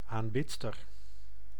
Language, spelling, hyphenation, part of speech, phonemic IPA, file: Dutch, aanbidster, aan‧bid‧ster, noun, /ˌaːnˈbɪt.stər/, Nl-aanbidster.ogg
- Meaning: 1. female worshipper 2. female admirer